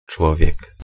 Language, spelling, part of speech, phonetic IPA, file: Polish, człowiek, noun, [ˈt͡ʃwɔvʲjɛk], Pl-człowiek.ogg